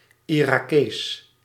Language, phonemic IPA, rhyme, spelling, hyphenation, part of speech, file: Dutch, /ˌi.raːˈkeːs/, -eːs, Irakees, Ira‧kees, noun, Nl-Irakees.ogg
- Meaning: Iraqi (someone from Iraq or of Iraqi descent)